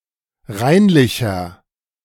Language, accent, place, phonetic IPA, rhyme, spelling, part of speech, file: German, Germany, Berlin, [ˈʁaɪ̯nlɪçɐ], -aɪ̯nlɪçɐ, reinlicher, adjective, De-reinlicher.ogg
- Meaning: inflection of reinlich: 1. strong/mixed nominative masculine singular 2. strong genitive/dative feminine singular 3. strong genitive plural